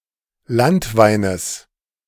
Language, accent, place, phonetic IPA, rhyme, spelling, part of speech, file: German, Germany, Berlin, [ˈlantˌvaɪ̯nəs], -antvaɪ̯nəs, Landweines, noun, De-Landweines.ogg
- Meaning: genitive of Landwein